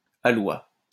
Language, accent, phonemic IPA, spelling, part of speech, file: French, France, /a.lwa/, aloi, noun, LL-Q150 (fra)-aloi.wav
- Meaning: quality, taste